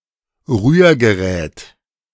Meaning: 1. stirrer, mixer (device) 2. ellipsis of Handrührgerät (“hand mixer”)
- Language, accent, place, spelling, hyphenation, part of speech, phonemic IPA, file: German, Germany, Berlin, Rührgerät, Rühr‧ge‧rät, noun, /ˈʁyːɐ̯ɡəˌʁɛːt/, De-Rührgerät.ogg